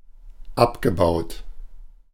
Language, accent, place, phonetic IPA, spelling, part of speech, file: German, Germany, Berlin, [ˈapɡəˌbaʊ̯t], abgebaut, verb, De-abgebaut.ogg
- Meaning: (verb) past participle of abbauen; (adjective) 1. degraded, decomposed, dismantled 2. mined